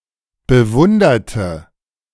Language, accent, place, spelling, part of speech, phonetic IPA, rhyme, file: German, Germany, Berlin, bewunderte, adjective / verb, [bəˈvʊndɐtə], -ʊndɐtə, De-bewunderte.ogg
- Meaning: inflection of bewundert: 1. strong/mixed nominative/accusative feminine singular 2. strong nominative/accusative plural 3. weak nominative all-gender singular